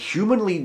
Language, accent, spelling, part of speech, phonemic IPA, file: English, US, humanly, adverb / adjective, /ˈhjuːmənli/, En-us-humanly.ogg
- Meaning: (adverb) In a human manner; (adjective) Of or pertaining to humans; human